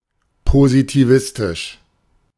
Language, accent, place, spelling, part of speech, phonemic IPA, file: German, Germany, Berlin, positivistisch, adjective, /pozitiˈvɪstɪʃ/, De-positivistisch.ogg
- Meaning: positivistic